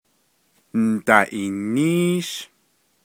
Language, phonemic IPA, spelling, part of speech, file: Navajo, /ǹ̩tɑ̀ʔìːníːʃ/, Ndaʼiiníísh, noun, Nv-Ndaʼiiníísh.ogg
- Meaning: Friday